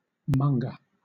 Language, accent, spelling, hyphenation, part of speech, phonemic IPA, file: English, Southern England, monger, mong‧er, noun / verb, /ˈmʌŋɡə/, LL-Q1860 (eng)-monger.wav
- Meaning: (noun) Chiefly preceded by a descriptive word.: 1. A dealer or trader in a specific commodity 2. A person promoting something, especially an undesirable thing